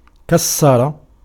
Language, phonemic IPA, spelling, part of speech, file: Arabic, /kas.sa.ra/, كسر, verb, Ar-كسر.ogg
- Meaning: 1. to break into pieces, to shatter, to smash 2. to turn into a broken plural